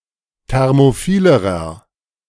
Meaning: inflection of thermophil: 1. strong/mixed nominative masculine singular comparative degree 2. strong genitive/dative feminine singular comparative degree 3. strong genitive plural comparative degree
- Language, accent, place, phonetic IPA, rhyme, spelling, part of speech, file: German, Germany, Berlin, [ˌtɛʁmoˈfiːləʁɐ], -iːləʁɐ, thermophilerer, adjective, De-thermophilerer.ogg